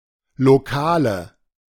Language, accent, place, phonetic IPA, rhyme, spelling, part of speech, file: German, Germany, Berlin, [loˈkaːlə], -aːlə, Lokale, noun, De-Lokale.ogg
- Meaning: nominative/accusative/genitive plural of Lokal